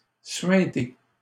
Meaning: to ooze
- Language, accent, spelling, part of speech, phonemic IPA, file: French, Canada, suinter, verb, /sɥɛ̃.te/, LL-Q150 (fra)-suinter.wav